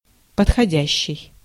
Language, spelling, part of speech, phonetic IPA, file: Russian, подходящий, verb / adjective, [pətxɐˈdʲæɕːɪj], Ru-подходящий.ogg
- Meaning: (verb) present active imperfective participle of подходи́ть (podxodítʹ); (adjective) 1. suitable, fitting, fit, appropriate 2. convenient